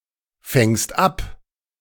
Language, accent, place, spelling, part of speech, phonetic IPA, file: German, Germany, Berlin, fängst ab, verb, [ˌfɛŋst ˈap], De-fängst ab.ogg
- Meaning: second-person singular present of abfangen